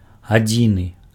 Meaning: 1. sole, only 2. single, solid
- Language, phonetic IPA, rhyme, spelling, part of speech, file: Belarusian, [aˈd͡zʲinɨ], -inɨ, адзіны, adjective, Be-адзіны.ogg